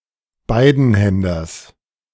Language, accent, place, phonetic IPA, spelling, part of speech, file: German, Germany, Berlin, [ˈbaɪ̯dn̩ˌhɛndɐs], Beidenhänders, noun, De-Beidenhänders.ogg
- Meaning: genitive singular of Beidenhänder